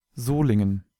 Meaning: Solingen (an independent city in North Rhine-Westphalia, in western Germany)
- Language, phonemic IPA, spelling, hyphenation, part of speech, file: German, /ˈzoːlɪŋən/, Solingen, So‧lin‧gen, proper noun, De-Solingen.ogg